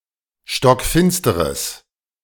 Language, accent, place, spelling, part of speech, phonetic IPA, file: German, Germany, Berlin, stockfinsteres, adjective, [ʃtɔkˈfɪnstəʁəs], De-stockfinsteres.ogg
- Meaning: strong/mixed nominative/accusative neuter singular of stockfinster